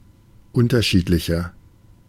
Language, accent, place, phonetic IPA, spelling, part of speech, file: German, Germany, Berlin, [ˈʊntɐˌʃiːtlɪçɐ], unterschiedlicher, adjective, De-unterschiedlicher.ogg
- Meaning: inflection of unterschiedlich: 1. strong/mixed nominative masculine singular 2. strong genitive/dative feminine singular 3. strong genitive plural